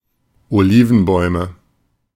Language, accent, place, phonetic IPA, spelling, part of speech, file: German, Germany, Berlin, [oˈliːvn̩ˌbɔɪ̯mə], Olivenbäume, noun, De-Olivenbäume.ogg
- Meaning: nominative/accusative/genitive plural of Olivenbaum